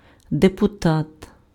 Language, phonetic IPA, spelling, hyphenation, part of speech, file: Ukrainian, [depʊˈtat], депутат, де‧пу‧тат, noun, Uk-депутат.ogg
- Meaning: 1. deputy, assemblyman, delegate 2. Member of Parliament